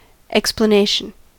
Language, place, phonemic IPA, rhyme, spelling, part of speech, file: English, California, /ˌɛkspləˈneɪʃən/, -eɪʃən, explanation, noun, En-us-explanation.ogg
- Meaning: 1. The act or process of explaining 2. Something that explains or makes understandable